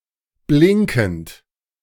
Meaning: present participle of blinken
- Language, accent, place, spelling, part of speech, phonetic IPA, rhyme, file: German, Germany, Berlin, blinkend, verb, [ˈblɪŋkn̩t], -ɪŋkn̩t, De-blinkend.ogg